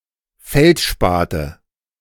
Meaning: nominative/accusative/genitive plural of Feldspat
- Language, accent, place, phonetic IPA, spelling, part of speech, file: German, Germany, Berlin, [ˈfɛltˌʃpaːtə], Feldspate, noun, De-Feldspate.ogg